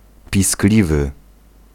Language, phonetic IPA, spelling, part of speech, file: Polish, [pʲisˈklʲivɨ], piskliwy, adjective, Pl-piskliwy.ogg